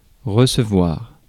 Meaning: 1. to receive 2. to entertain (to welcome guests)
- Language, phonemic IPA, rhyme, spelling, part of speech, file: French, /ʁə.sə.vwaʁ/, -waʁ, recevoir, verb, Fr-recevoir.ogg